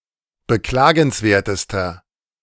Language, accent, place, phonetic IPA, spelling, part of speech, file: German, Germany, Berlin, [bəˈklaːɡn̩sˌveːɐ̯təstɐ], beklagenswertester, adjective, De-beklagenswertester.ogg
- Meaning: inflection of beklagenswert: 1. strong/mixed nominative masculine singular superlative degree 2. strong genitive/dative feminine singular superlative degree